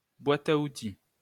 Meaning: 1. toolbox (storage case for tools) 2. toolbox
- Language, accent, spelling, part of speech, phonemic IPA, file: French, France, boite à outils, noun, /bwa.t‿a u.ti/, LL-Q150 (fra)-boite à outils.wav